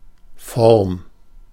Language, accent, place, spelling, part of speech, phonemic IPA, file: German, Germany, Berlin, Form, noun, /fɔʁm/, De-Form.ogg
- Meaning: 1. shape 2. form (order of doing things)